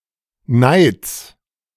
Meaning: genitive of Neid
- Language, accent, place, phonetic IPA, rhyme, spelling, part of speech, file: German, Germany, Berlin, [naɪ̯t͡s], -aɪ̯t͡s, Neids, noun, De-Neids.ogg